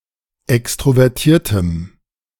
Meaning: strong dative masculine/neuter singular of extrovertiert
- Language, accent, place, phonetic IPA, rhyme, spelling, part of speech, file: German, Germany, Berlin, [ˌɛkstʁovɛʁˈtiːɐ̯təm], -iːɐ̯təm, extrovertiertem, adjective, De-extrovertiertem.ogg